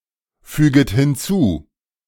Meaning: second-person plural subjunctive I of hinzufügen
- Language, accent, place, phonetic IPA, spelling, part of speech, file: German, Germany, Berlin, [ˌfyːɡət hɪnˈt͡suː], füget hinzu, verb, De-füget hinzu.ogg